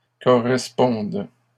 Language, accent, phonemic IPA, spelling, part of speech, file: French, Canada, /kɔ.ʁɛs.pɔ̃d/, corresponde, verb, LL-Q150 (fra)-corresponde.wav
- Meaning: first/third-person singular present subjunctive of correspondre